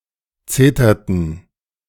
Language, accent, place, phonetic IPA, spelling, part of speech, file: German, Germany, Berlin, [ˈt͡seːtɐtn̩], zeterten, verb, De-zeterten.ogg
- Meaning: inflection of zetern: 1. first/third-person plural preterite 2. first/third-person plural subjunctive II